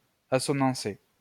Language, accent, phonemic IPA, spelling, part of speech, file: French, France, /a.sɔ.nɑ̃.se/, assonancer, verb, LL-Q150 (fra)-assonancer.wav
- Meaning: 1. to use assonance 2. to harmonize